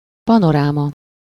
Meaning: 1. view 2. panorama
- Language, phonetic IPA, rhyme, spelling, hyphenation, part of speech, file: Hungarian, [ˈpɒnoraːmɒ], -mɒ, panoráma, pa‧no‧rá‧ma, noun, Hu-panoráma.ogg